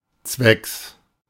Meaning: for the purpose of
- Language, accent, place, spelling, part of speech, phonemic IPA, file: German, Germany, Berlin, zwecks, preposition, /tsvɛks/, De-zwecks.ogg